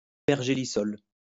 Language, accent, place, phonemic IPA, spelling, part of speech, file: French, France, Lyon, /pɛʁ.ʒe.li.sɔl/, pergélisol, noun, LL-Q150 (fra)-pergélisol.wav
- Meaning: permafrost (permanently frozen ground)